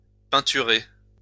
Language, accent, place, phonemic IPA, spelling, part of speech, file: French, France, Lyon, /pɛ̃.ty.ʁe/, peinturer, verb, LL-Q150 (fra)-peinturer.wav
- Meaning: 1. to paint (e.g. a wall or fence) 2. to paint like a child, in a way lacking grace and dexterity